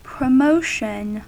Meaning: 1. An advancement in rank or position 2. Dissemination of information in order to increase its popularity 3. An event intended to increase the reach or image of a product or brand
- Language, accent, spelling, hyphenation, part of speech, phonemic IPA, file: English, US, promotion, pro‧mo‧tion, noun, /pɹəˈmoʊʃn̩/, En-us-promotion.ogg